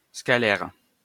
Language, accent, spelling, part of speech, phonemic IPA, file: French, France, scalaire, adjective, /ska.lɛʁ/, LL-Q150 (fra)-scalaire.wav
- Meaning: scalar